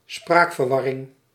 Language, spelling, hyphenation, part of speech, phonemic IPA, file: Dutch, spraakverwarring, spraak‧ver‧war‧ring, noun, /ˈsprakfərˌwɑrɪŋ/, Nl-spraakverwarring.ogg
- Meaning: terminological mix-up